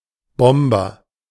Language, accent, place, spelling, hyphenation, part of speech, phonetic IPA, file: German, Germany, Berlin, Bomber, Bom‧ber, noun, [ˈbɔmbɐ], De-Bomber.ogg
- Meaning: bomber (aircraft designed to drop bombs)